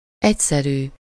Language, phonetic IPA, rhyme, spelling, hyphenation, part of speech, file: Hungarian, [ˈɛcsɛryː], -ryː, egyszerű, egy‧sze‧rű, adjective / noun, Hu-egyszerű.ogg
- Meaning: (adjective) 1. simple, uncomplicated (taken by itself, with nothing added) 2. simple 3. simple, unadorned, plain (without ornamentation)